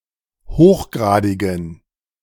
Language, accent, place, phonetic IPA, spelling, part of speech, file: German, Germany, Berlin, [ˈhoːxˌɡʁaːdɪɡn̩], hochgradigen, adjective, De-hochgradigen.ogg
- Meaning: inflection of hochgradig: 1. strong genitive masculine/neuter singular 2. weak/mixed genitive/dative all-gender singular 3. strong/weak/mixed accusative masculine singular 4. strong dative plural